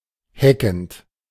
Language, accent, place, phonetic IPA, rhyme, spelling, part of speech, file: German, Germany, Berlin, [ˈhɛkn̩t], -ɛkn̩t, heckend, verb, De-heckend.ogg
- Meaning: present participle of hecken